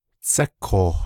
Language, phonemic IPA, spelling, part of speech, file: Navajo, /t͡sʰɛ́kʰòːh/, tsékooh, noun, Nv-tsékooh.ogg
- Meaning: rock canyon, gorge